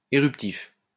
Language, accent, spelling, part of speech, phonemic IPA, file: French, France, éruptif, adjective, /e.ʁyp.tif/, LL-Q150 (fra)-éruptif.wav
- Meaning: 1. eruptive 2. volcanic